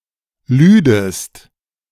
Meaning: second-person singular subjunctive II of laden
- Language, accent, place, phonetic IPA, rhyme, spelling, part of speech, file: German, Germany, Berlin, [ˈlyːdəst], -yːdəst, lüdest, verb, De-lüdest.ogg